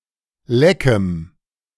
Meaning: strong dative masculine/neuter singular of leck
- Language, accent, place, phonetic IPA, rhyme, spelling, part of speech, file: German, Germany, Berlin, [ˈlɛkəm], -ɛkəm, leckem, adjective, De-leckem.ogg